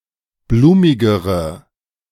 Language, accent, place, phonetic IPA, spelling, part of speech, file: German, Germany, Berlin, [ˈbluːmɪɡəʁə], blumigere, adjective, De-blumigere.ogg
- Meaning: inflection of blumig: 1. strong/mixed nominative/accusative feminine singular comparative degree 2. strong nominative/accusative plural comparative degree